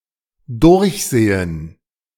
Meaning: 1. to look through 2. to review, to revise, to inspect
- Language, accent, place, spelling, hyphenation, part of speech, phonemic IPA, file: German, Germany, Berlin, durchsehen, durch‧se‧hen, verb, /ˈdʊʁçˌzeːən/, De-durchsehen.ogg